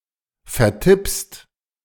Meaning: second-person singular present of vertippen
- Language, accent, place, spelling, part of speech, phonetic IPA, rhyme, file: German, Germany, Berlin, vertippst, verb, [fɛɐ̯ˈtɪpst], -ɪpst, De-vertippst.ogg